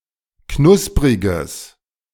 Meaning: strong/mixed nominative/accusative neuter singular of knusprig
- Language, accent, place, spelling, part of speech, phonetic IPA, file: German, Germany, Berlin, knuspriges, adjective, [ˈknʊspʁɪɡəs], De-knuspriges.ogg